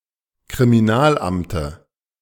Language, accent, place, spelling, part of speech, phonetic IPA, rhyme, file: German, Germany, Berlin, Kriminalamte, noun, [kʁimiˈnaːlˌʔamtə], -aːlʔamtə, De-Kriminalamte.ogg
- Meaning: dative singular of Kriminalamt